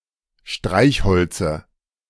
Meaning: dative of Streichholz
- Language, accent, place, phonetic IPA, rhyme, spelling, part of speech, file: German, Germany, Berlin, [ˈʃtʁaɪ̯çˌhɔlt͡sə], -aɪ̯çhɔlt͡sə, Streichholze, noun, De-Streichholze.ogg